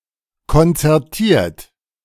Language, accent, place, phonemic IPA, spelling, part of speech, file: German, Germany, Berlin, /kɔnt͡sɛʁˈtiːɐ̯t/, konzertiert, verb / adjective, De-konzertiert.ogg
- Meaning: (verb) past participle of konzertieren; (adjective) concerted